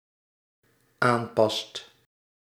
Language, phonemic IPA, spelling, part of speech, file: Dutch, /ˈampɑst/, aanpast, verb, Nl-aanpast.ogg
- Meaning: second/third-person singular dependent-clause present indicative of aanpassen